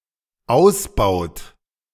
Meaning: inflection of ausbauen: 1. third-person singular dependent present 2. second-person plural dependent present
- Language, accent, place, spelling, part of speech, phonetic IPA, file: German, Germany, Berlin, ausbaut, verb, [ˈaʊ̯sˌbaʊ̯t], De-ausbaut.ogg